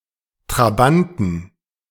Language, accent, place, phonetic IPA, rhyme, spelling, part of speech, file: German, Germany, Berlin, [tʁaˈbantn̩], -antn̩, Trabanten, noun, De-Trabanten.ogg
- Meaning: 1. genitive singular of Trabant 2. plural of Trabant